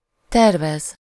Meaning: 1. to plan, to intend, to consider doing 2. to design
- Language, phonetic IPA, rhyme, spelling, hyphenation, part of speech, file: Hungarian, [ˈtɛrvɛz], -ɛz, tervez, ter‧vez, verb, Hu-tervez.ogg